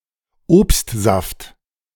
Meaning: fruit juice
- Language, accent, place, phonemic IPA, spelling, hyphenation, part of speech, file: German, Germany, Berlin, /ˈoːpstˌzaft/, Obstsaft, Obst‧saft, noun, De-Obstsaft.ogg